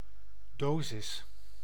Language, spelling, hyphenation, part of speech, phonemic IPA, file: Dutch, dosis, do‧sis, noun, /ˈdoː.zɪs/, Nl-dosis.ogg
- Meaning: dose